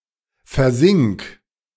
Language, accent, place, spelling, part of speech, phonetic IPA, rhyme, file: German, Germany, Berlin, versink, verb, [fɛɐ̯ˈzɪŋk], -ɪŋk, De-versink.ogg
- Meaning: singular imperative of versinken